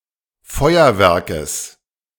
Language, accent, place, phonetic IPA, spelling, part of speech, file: German, Germany, Berlin, [ˈfɔɪ̯ɐvɛʁkəs], Feuerwerkes, noun, De-Feuerwerkes.ogg
- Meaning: genitive singular of Feuerwerk